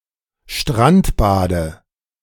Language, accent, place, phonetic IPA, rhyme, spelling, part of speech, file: German, Germany, Berlin, [ˈʃtʁantˌbaːdə], -antbaːdə, Strandbade, noun, De-Strandbade.ogg
- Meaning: dative of Strandbad